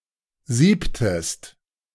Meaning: inflection of sieben: 1. second-person singular preterite 2. second-person singular subjunctive II
- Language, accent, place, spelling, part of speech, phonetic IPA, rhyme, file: German, Germany, Berlin, siebtest, verb, [ˈziːptəst], -iːptəst, De-siebtest.ogg